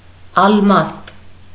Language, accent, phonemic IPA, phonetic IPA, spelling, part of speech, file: Armenian, Eastern Armenian, /ɑlˈmɑst/, [ɑlmɑ́st], ալմաստ, noun, Hy-ալմաստ.ogg
- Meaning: 1. diamond 2. diamond glass cutter